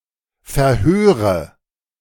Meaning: nominative/accusative/genitive plural of Verhör
- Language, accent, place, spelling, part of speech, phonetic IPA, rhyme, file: German, Germany, Berlin, Verhöre, noun, [fɛɐ̯ˈhøːʁə], -øːʁə, De-Verhöre.ogg